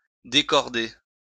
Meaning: to unrope (remove from a rope)
- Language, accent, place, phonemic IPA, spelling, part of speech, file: French, France, Lyon, /de.kɔʁ.de/, décorder, verb, LL-Q150 (fra)-décorder.wav